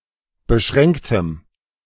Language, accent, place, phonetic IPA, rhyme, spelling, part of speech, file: German, Germany, Berlin, [bəˈʃʁɛŋktəm], -ɛŋktəm, beschränktem, adjective, De-beschränktem.ogg
- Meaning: strong dative masculine/neuter singular of beschränkt